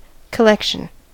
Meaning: 1. A set of items or amount of material procured, gathered or presented together 2. A set of pitch classes used by a composer 3. The activity of collecting
- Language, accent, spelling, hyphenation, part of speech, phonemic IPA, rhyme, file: English, US, collection, col‧lec‧tion, noun, /kəˈlɛkʃən/, -ɛkʃən, En-us-collection.ogg